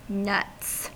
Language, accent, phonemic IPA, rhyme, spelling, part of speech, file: English, US, /nʌts/, -ʌts, nuts, noun / adjective / interjection / verb, En-us-nuts.ogg
- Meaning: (noun) 1. plural of nut 2. The testicles 3. An unbeatable hand; the best poker hand available; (adjective) 1. Insane, mad 2. Crazy, mad; unusually pleased or, alternatively, angered